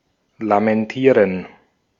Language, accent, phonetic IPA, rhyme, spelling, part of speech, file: German, Austria, [lamɛnˈtiːʁən], -iːʁən, lamentieren, verb, De-at-lamentieren.ogg
- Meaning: to lament